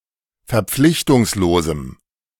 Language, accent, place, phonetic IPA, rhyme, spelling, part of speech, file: German, Germany, Berlin, [fɛɐ̯ˈp͡flɪçtʊŋsloːzm̩], -ɪçtʊŋsloːzm̩, verpflichtungslosem, adjective, De-verpflichtungslosem.ogg
- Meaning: strong dative masculine/neuter singular of verpflichtungslos